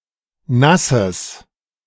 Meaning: genitive singular of Nass
- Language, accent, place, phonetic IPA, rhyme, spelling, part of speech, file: German, Germany, Berlin, [ˈnasəs], -asəs, Nasses, noun, De-Nasses.ogg